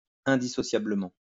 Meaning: inextricably
- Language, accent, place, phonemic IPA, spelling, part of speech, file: French, France, Lyon, /ɛ̃.di.sɔ.sja.blə.mɑ̃/, indissociablement, adverb, LL-Q150 (fra)-indissociablement.wav